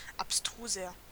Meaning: inflection of abstrus: 1. strong/mixed nominative masculine singular 2. strong genitive/dative feminine singular 3. strong genitive plural
- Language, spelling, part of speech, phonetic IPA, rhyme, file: German, abstruser, adjective, [apˈstʁuːzɐ], -uːzɐ, De-abstruser.ogg